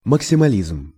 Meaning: maximalism
- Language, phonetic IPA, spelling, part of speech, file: Russian, [məksʲɪmɐˈlʲizm], максимализм, noun, Ru-максимализм.ogg